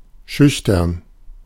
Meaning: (adjective) shy, timid, bashful; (adverb) timidly, shyly
- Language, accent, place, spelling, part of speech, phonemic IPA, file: German, Germany, Berlin, schüchtern, adjective / adverb, /ˈʃʏçtɐn/, De-schüchtern.ogg